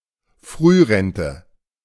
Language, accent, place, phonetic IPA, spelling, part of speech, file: German, Germany, Berlin, [ˈfʁyːˌʁɛntə], Frührente, noun, De-Frührente.ogg
- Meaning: early retirement